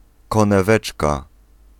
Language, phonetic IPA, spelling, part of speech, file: Polish, [ˌkɔ̃nɛˈvɛt͡ʃka], koneweczka, noun, Pl-koneweczka.ogg